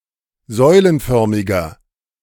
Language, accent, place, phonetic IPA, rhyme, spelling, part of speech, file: German, Germany, Berlin, [ˈzɔɪ̯lənˌfœʁmɪɡɐ], -ɔɪ̯lənfœʁmɪɡɐ, säulenförmiger, adjective, De-säulenförmiger.ogg
- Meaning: inflection of säulenförmig: 1. strong/mixed nominative masculine singular 2. strong genitive/dative feminine singular 3. strong genitive plural